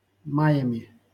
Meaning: instrumental plural of май (maj)
- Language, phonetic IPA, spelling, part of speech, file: Russian, [ˈmajəmʲɪ], маями, noun, LL-Q7737 (rus)-маями.wav